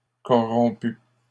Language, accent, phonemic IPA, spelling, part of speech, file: French, Canada, /kɔ.ʁɔ̃.py/, corrompues, adjective, LL-Q150 (fra)-corrompues.wav
- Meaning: feminine plural of corrompu